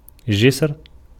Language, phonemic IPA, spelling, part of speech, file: Arabic, /d͡ʒisr/, جسر, noun, Ar-جسر.ogg
- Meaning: bridge